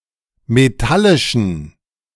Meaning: inflection of metallisch: 1. strong genitive masculine/neuter singular 2. weak/mixed genitive/dative all-gender singular 3. strong/weak/mixed accusative masculine singular 4. strong dative plural
- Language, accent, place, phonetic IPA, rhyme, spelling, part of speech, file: German, Germany, Berlin, [meˈtalɪʃn̩], -alɪʃn̩, metallischen, adjective, De-metallischen.ogg